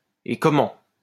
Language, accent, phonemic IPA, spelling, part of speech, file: French, France, /e kɔ.mɑ̃/, et comment, interjection, LL-Q150 (fra)-et comment.wav
- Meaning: 1. and how! 2. yes please! do I ever!